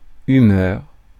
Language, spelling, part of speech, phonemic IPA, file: French, humeur, noun, /y.mœʁ/, Fr-humeur.ogg
- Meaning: 1. humour/humor (the liquid in the body) 2. mental state, either temperamental or as temporary mood